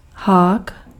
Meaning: hook
- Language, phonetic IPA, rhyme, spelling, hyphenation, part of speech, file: Czech, [ˈɦaːk], -aːk, hák, hák, noun, Cs-hák.ogg